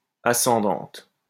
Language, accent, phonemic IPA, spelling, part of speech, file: French, France, /a.sɑ̃.dɑ̃t/, ascendante, adjective, LL-Q150 (fra)-ascendante.wav
- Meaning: feminine singular of ascendant